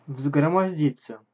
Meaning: 1. to perch, to clamber up 2. passive of взгромозди́ть (vzgromozdítʹ)
- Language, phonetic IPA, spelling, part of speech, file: Russian, [vzɡrəmɐzʲˈdʲit͡sːə], взгромоздиться, verb, Ru-взгромоздиться.ogg